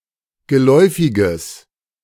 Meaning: strong/mixed nominative/accusative neuter singular of geläufig
- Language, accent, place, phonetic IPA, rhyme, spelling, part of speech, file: German, Germany, Berlin, [ɡəˈlɔɪ̯fɪɡəs], -ɔɪ̯fɪɡəs, geläufiges, adjective, De-geläufiges.ogg